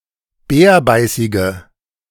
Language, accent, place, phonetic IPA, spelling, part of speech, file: German, Germany, Berlin, [ˈbɛːɐ̯ˌbaɪ̯sɪɡə], bärbeißige, adjective, De-bärbeißige.ogg
- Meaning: inflection of bärbeißig: 1. strong/mixed nominative/accusative feminine singular 2. strong nominative/accusative plural 3. weak nominative all-gender singular